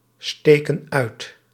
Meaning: inflection of uitsteken: 1. plural present indicative 2. plural present subjunctive
- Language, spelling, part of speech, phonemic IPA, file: Dutch, steken uit, verb, /ˈstekə(n) ˈœyt/, Nl-steken uit.ogg